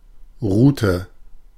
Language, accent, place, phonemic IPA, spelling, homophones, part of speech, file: German, Germany, Berlin, /ˈʁuːtə/, Route, Rute, noun, De-Route.ogg
- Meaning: route